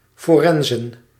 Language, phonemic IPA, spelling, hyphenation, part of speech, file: Dutch, /ˌfoːˈrɛn.zə(n)/, forenzen, fo‧ren‧zen, verb / noun, Nl-forenzen.ogg
- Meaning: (verb) to commute; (noun) plural of forens